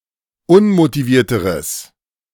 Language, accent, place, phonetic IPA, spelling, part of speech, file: German, Germany, Berlin, [ˈʊnmotiˌviːɐ̯təʁəs], unmotivierteres, adjective, De-unmotivierteres.ogg
- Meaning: strong/mixed nominative/accusative neuter singular comparative degree of unmotiviert